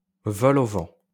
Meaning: vol-au-vent (puff pastry with a hole)
- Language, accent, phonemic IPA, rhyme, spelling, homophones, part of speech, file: French, France, /vɔ.lo.vɑ̃/, -ɑ̃, vol-au-vent, vols-au-vent, noun, LL-Q150 (fra)-vol-au-vent.wav